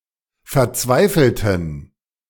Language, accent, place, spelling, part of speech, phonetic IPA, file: German, Germany, Berlin, verzweifelten, adjective / verb, [fɛɐ̯ˈt͡svaɪ̯fl̩tn̩], De-verzweifelten.ogg
- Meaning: inflection of verzweifeln: 1. first/third-person plural preterite 2. first/third-person plural subjunctive II